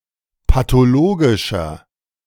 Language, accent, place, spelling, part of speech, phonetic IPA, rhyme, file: German, Germany, Berlin, pathologischer, adjective, [patoˈloːɡɪʃɐ], -oːɡɪʃɐ, De-pathologischer.ogg
- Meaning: 1. comparative degree of pathologisch 2. inflection of pathologisch: strong/mixed nominative masculine singular 3. inflection of pathologisch: strong genitive/dative feminine singular